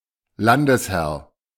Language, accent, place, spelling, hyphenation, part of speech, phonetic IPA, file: German, Germany, Berlin, Landesherr, Lan‧des‧herr, noun, [ˈlandəsˌhɛʁ], De-Landesherr.ogg
- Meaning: a territorial lord; a local ruler in the period beginning with the Early Middle Ages